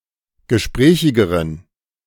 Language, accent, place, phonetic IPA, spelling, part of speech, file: German, Germany, Berlin, [ɡəˈʃpʁɛːçɪɡəʁən], gesprächigeren, adjective, De-gesprächigeren.ogg
- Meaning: inflection of gesprächig: 1. strong genitive masculine/neuter singular comparative degree 2. weak/mixed genitive/dative all-gender singular comparative degree